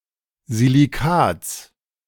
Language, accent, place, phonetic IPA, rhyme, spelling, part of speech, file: German, Germany, Berlin, [ziliˈkaːt͡s], -aːt͡s, Silikats, noun, De-Silikats.ogg
- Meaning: genitive singular of Silikat